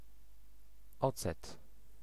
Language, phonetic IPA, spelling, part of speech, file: Polish, [ˈɔt͡sɛt], ocet, noun, Pl-ocet.ogg